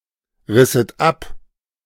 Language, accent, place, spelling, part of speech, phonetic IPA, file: German, Germany, Berlin, risset ab, verb, [ˌʁɪsət ˈap], De-risset ab.ogg
- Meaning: second-person plural subjunctive II of abreißen